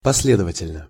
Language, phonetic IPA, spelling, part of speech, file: Russian, [pɐs⁽ʲ⁾ˈlʲedəvətʲɪlʲnə], последовательно, adverb, Ru-последовательно.ogg
- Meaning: 1. consistently (in a consistent manner) 2. in series (about connection) 3. in sequence (in programming)